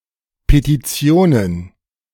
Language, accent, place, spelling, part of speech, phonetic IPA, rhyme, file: German, Germany, Berlin, Petitionen, noun, [petiˈt͡si̯oːnən], -oːnən, De-Petitionen.ogg
- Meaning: plural of Petition